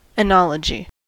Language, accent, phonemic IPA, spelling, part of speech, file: English, US, /iˈnɑ.lə.d͡ʒi/, oenology, noun, En-us-oenology.ogg
- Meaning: The scientific study of wines and winemaking